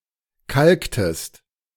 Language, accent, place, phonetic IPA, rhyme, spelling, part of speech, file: German, Germany, Berlin, [ˈkalktəst], -alktəst, kalktest, verb, De-kalktest.ogg
- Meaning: inflection of kalken: 1. second-person singular preterite 2. second-person singular subjunctive II